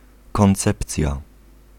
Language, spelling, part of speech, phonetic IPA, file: Polish, koncepcja, noun, [kɔ̃nˈt͡sɛpt͡sʲja], Pl-koncepcja.ogg